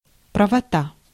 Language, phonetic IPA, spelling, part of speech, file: Russian, [prəvɐˈta], правота, noun, Ru-правота.ogg
- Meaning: right, rightfulness, correctness